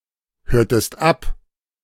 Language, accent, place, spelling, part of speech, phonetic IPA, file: German, Germany, Berlin, hörtest ab, verb, [ˌhøːɐ̯təst ˈap], De-hörtest ab.ogg
- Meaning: inflection of abhören: 1. second-person singular preterite 2. second-person singular subjunctive II